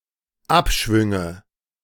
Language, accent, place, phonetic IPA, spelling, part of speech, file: German, Germany, Berlin, [ˈapˌʃvʏŋə], Abschwünge, noun, De-Abschwünge.ogg
- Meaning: nominative/accusative/genitive plural of Abschwung